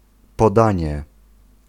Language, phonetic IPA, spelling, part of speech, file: Polish, [pɔˈdãɲɛ], podanie, noun, Pl-podanie.ogg